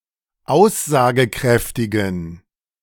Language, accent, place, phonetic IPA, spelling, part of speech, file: German, Germany, Berlin, [ˈaʊ̯szaːɡəˌkʁɛftɪɡn̩], aussagekräftigen, adjective, De-aussagekräftigen.ogg
- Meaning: inflection of aussagekräftig: 1. strong genitive masculine/neuter singular 2. weak/mixed genitive/dative all-gender singular 3. strong/weak/mixed accusative masculine singular 4. strong dative plural